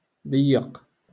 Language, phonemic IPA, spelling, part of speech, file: Moroccan Arabic, /dˤij.jaq/, ضيق, adjective, LL-Q56426 (ary)-ضيق.wav
- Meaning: narrow